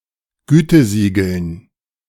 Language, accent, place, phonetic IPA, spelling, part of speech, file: German, Germany, Berlin, [ˈɡyːtəˌziːɡl̩n], Gütesiegeln, noun, De-Gütesiegeln.ogg
- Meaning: dative plural of Gütesiegel